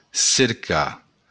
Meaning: 1. to look for; to search 2. to seek to, to try, to attempt
- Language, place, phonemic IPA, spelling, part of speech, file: Occitan, Béarn, /seɾˈka/, cercar, verb, LL-Q14185 (oci)-cercar.wav